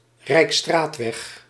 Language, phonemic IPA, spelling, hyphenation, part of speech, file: Dutch, /ˈrɛi̯kˌstraːt.ʋɛx/, rijksstraatweg, rijks‧straat‧weg, noun, Nl-rijksstraatweg.ogg
- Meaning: a paved public major road built by the government, typically during the nineteenth century